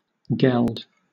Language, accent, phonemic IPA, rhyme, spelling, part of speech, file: English, Southern England, /ɡɛld/, -ɛld, geld, noun / verb, LL-Q1860 (eng)-geld.wav
- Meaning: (noun) Money.: 1. A payment 2. In particular, (money paid as) a medieval form of land tax; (verb) 1. To tax geld 2. To castrate a male (usually an animal)